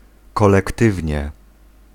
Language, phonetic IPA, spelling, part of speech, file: Polish, [ˌkɔlɛkˈtɨvʲɲɛ], kolektywnie, adverb, Pl-kolektywnie.ogg